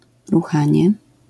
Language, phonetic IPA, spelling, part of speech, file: Polish, [ruˈxãɲɛ], ruchanie, noun, LL-Q809 (pol)-ruchanie.wav